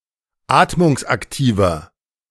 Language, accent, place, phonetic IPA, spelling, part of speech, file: German, Germany, Berlin, [ˈaːtmʊŋsʔakˌtiːvɐ], atmungsaktiver, adjective, De-atmungsaktiver.ogg
- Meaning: 1. comparative degree of atmungsaktiv 2. inflection of atmungsaktiv: strong/mixed nominative masculine singular 3. inflection of atmungsaktiv: strong genitive/dative feminine singular